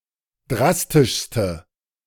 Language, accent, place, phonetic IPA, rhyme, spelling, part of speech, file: German, Germany, Berlin, [ˈdʁastɪʃstə], -astɪʃstə, drastischste, adjective, De-drastischste.ogg
- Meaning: inflection of drastisch: 1. strong/mixed nominative/accusative feminine singular superlative degree 2. strong nominative/accusative plural superlative degree